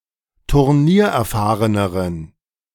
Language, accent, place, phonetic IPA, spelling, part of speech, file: German, Germany, Berlin, [tʊʁˈniːɐ̯ʔɛɐ̯ˌfaːʁənəʁən], turniererfahreneren, adjective, De-turniererfahreneren.ogg
- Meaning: inflection of turniererfahren: 1. strong genitive masculine/neuter singular comparative degree 2. weak/mixed genitive/dative all-gender singular comparative degree